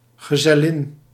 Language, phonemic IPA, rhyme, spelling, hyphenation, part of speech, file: Dutch, /ɣəˌzɛˈlɪn/, -ɪn, gezellin, ge‧zel‧lin, noun, Nl-gezellin.ogg
- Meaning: 1. female companion 2. wife 3. girlfriend, female partner in a relationship